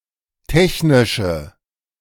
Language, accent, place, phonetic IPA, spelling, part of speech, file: German, Germany, Berlin, [ˈtɛçnɪʃə], technische, adjective, De-technische.ogg
- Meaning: inflection of technisch: 1. strong/mixed nominative/accusative feminine singular 2. strong nominative/accusative plural 3. weak nominative all-gender singular